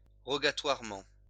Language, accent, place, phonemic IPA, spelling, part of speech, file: French, France, Lyon, /ʁɔ.ɡa.twaʁ.mɑ̃/, rogatoirement, adverb, LL-Q150 (fra)-rogatoirement.wav
- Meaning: rogatorily